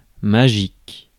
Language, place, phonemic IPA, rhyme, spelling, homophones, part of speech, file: French, Paris, /ma.ʒik/, -ik, magique, magiques, adjective, Fr-magique.ogg
- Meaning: magic, magical